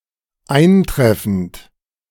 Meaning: present participle of eintreffen: arriving
- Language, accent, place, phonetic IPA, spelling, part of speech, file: German, Germany, Berlin, [ˈaɪ̯nˌtʁɛfn̩t], eintreffend, verb, De-eintreffend.ogg